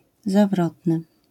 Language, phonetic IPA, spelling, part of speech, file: Polish, [zaˈvrɔtnɨ], zawrotny, adjective, LL-Q809 (pol)-zawrotny.wav